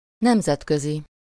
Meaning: international
- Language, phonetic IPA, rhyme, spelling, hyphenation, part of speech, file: Hungarian, [ˈnɛmzɛtkøzi], -zi, nemzetközi, nem‧zet‧kö‧zi, adjective, Hu-nemzetközi.ogg